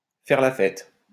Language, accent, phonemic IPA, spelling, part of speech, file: French, France, /fɛʁ la fɛt/, faire la fête, verb, LL-Q150 (fra)-faire la fête.wav
- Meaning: to party, have a party, live it up